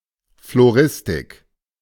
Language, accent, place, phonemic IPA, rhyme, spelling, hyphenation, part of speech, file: German, Germany, Berlin, /floˈʁɪstɪk/, -ɪstɪk, Floristik, Flo‧ris‧tik, noun, De-Floristik.ogg
- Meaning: floristry